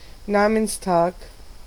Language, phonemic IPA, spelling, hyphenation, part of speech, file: German, /ˈnaːmənsˌtaːk/, Namenstag, Na‧mens‧tag, noun, De-Namenstag.ogg
- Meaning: name day (feast day of a saint)